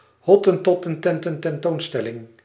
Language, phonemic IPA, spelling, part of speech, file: Dutch, /ˈɦɔ.tə(n).tɔ.tə(n).ˌtɛn.tə(n).tɛn.ˌtoːn.stɛ.lɪŋ/, hottentottententententoonstelling, noun, Nl-hottentottententententoonstelling.ogg
- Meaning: 1. exposition of Hottentot tents 2. the whole nine yards, everything